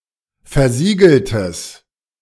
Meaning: strong/mixed nominative/accusative neuter singular of versiegelt
- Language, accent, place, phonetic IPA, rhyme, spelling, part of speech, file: German, Germany, Berlin, [fɛɐ̯ˈziːɡl̩təs], -iːɡl̩təs, versiegeltes, adjective, De-versiegeltes.ogg